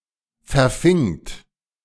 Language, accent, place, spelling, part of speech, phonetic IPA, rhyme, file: German, Germany, Berlin, verfingt, verb, [fɛɐ̯ˈfɪŋt], -ɪŋt, De-verfingt.ogg
- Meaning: second-person plural preterite of verfangen